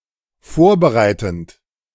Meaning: present participle of vorbereiten
- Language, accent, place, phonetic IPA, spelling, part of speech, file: German, Germany, Berlin, [ˈfoːɐ̯bəˌʁaɪ̯tn̩t], vorbereitend, verb, De-vorbereitend.ogg